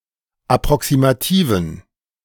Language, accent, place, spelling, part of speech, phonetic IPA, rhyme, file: German, Germany, Berlin, approximativen, adjective, [apʁɔksimaˈtiːvn̩], -iːvn̩, De-approximativen.ogg
- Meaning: inflection of approximativ: 1. strong genitive masculine/neuter singular 2. weak/mixed genitive/dative all-gender singular 3. strong/weak/mixed accusative masculine singular 4. strong dative plural